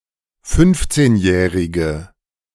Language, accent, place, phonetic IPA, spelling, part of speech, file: German, Germany, Berlin, [ˈfʏnft͡seːnˌjɛːʁɪɡə], fünfzehnjährige, adjective, De-fünfzehnjährige.ogg
- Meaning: inflection of fünfzehnjährig: 1. strong/mixed nominative/accusative feminine singular 2. strong nominative/accusative plural 3. weak nominative all-gender singular